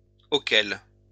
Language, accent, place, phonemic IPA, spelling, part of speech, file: French, France, Lyon, /o.kɛl/, auxquels, pronoun, LL-Q150 (fra)-auxquels.wav
- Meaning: masculine plural of auquel: to which, at which